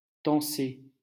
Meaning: to scold, reprimand, rebuke
- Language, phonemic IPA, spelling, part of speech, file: French, /tɑ̃.se/, tancer, verb, LL-Q150 (fra)-tancer.wav